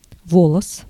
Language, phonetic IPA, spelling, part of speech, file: Russian, [ˈvoɫəs], волос, noun, Ru-волос.ogg
- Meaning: a hair